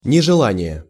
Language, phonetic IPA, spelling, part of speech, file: Russian, [nʲɪʐɨˈɫanʲɪje], нежелание, noun, Ru-нежелание.ogg
- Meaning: unwillingness, reluctance, disinclination